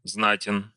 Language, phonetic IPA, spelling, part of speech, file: Russian, [ˈznatʲɪn], знатен, adjective, Ru-знатен.ogg
- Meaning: short masculine singular of зна́тный (znátnyj)